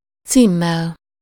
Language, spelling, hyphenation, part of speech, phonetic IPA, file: Hungarian, címmel, cím‧mel, noun, [ˈt͡siːmːɛl], Hu-címmel.ogg
- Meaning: instrumental singular of cím